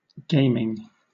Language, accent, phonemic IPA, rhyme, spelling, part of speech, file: English, Southern England, /ˈɡeɪmɪŋ/, -eɪmɪŋ, gaming, verb / noun, LL-Q1860 (eng)-gaming.wav
- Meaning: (verb) present participle and gerund of game; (noun) 1. The playing of a game 2. The playing of a game.: Ellipsis of videogaming